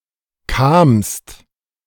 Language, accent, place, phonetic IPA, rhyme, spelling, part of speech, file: German, Germany, Berlin, [kaːmst], -aːmst, kamst, verb, De-kamst.ogg
- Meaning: second-person singular preterite of kommen